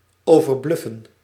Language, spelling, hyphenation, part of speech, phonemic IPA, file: Dutch, overbluffen, over‧bluf‧fen, verb, /ˌoː.vərˈblʏ.fə(n)/, Nl-overbluffen.ogg
- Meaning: 1. to overwhelm, to overawe 2. to overbluff, to bluff excessively